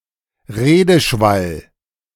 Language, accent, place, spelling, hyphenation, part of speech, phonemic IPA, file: German, Germany, Berlin, Redeschwall, Re‧de‧schwall, noun, /ˈʁeːdəˌʃval/, De-Redeschwall.ogg
- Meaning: diatribe (long continuous speech)